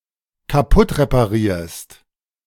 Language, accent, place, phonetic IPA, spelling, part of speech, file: German, Germany, Berlin, [kaˈpʊtʁepaˌʁiːɐ̯st], kaputtreparierst, verb, De-kaputtreparierst.ogg
- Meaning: second-person singular dependent present of kaputtreparieren